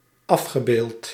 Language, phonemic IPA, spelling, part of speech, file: Dutch, /ˈɑfxəˌbelt/, afgebeeld, verb / adjective, Nl-afgebeeld.ogg
- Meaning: past participle of afbeelden